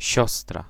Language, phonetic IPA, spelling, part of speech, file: Polish, [ˈɕɔstra], siostra, noun, Pl-siostra.ogg